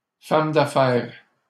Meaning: plural of femme d'affaires
- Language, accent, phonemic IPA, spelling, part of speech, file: French, Canada, /fam d‿a.fɛʁ/, femmes d'affaires, noun, LL-Q150 (fra)-femmes d'affaires.wav